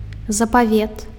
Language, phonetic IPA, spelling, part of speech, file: Belarusian, [zapaˈvʲet], запавет, noun, Be-запавет.ogg
- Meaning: 1. testament (document containing a person's will) 2. testament (part of the Bible)